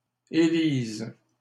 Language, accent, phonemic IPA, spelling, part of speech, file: French, Canada, /e.liz/, élises, verb, LL-Q150 (fra)-élises.wav
- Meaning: second-person singular present subjunctive of élire